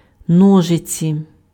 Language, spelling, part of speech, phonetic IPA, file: Ukrainian, ножиці, noun, [ˈnɔʒet͡sʲi], Uk-ножиці.ogg
- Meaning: scissors, shears